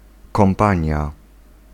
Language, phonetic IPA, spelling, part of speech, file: Polish, [kɔ̃mˈpãɲja], kompania, noun, Pl-kompania.ogg